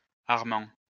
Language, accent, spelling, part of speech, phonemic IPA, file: French, France, Armand, proper noun, /aʁ.mɑ̃/, LL-Q150 (fra)-Armand.wav
- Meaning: a male given name